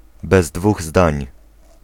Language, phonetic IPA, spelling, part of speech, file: Polish, [bɛz‿ˈdvuγ ˈzdãɲ], bez dwóch zdań, adverbial phrase, Pl-bez dwóch zdań.ogg